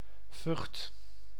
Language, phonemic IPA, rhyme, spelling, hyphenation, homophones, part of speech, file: Dutch, /vʏxt/, -ʏxt, Vught, Vught, Vucht, proper noun, Nl-Vught.ogg
- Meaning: a town and municipality of North Brabant, Netherlands